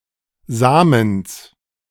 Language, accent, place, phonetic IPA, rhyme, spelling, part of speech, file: German, Germany, Berlin, [ˈzaːməns], -aːməns, Samens, noun, De-Samens.ogg
- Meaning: genitive singular of Samen